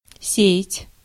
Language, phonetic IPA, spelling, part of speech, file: Russian, [ˈsʲe(j)ɪtʲ], сеять, verb, Ru-сеять.ogg
- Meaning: 1. to sow 2. to lose, to squander 3. to spread (an idea, fear etc.)